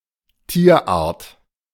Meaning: animal species
- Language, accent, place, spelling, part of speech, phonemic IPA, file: German, Germany, Berlin, Tierart, noun, /ˈtiːɐ̯ˌʔaːɐ̯t/, De-Tierart.ogg